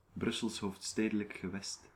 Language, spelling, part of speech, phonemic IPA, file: Dutch, Brussels Hoofdstedelijk Gewest, proper noun, /ˈbrʏsəls ˌɦoːf(t)ˈsteːdələk ɣəˈʋɛst/, Nl-Brussels Hoofdstedelijk Gewest.ogg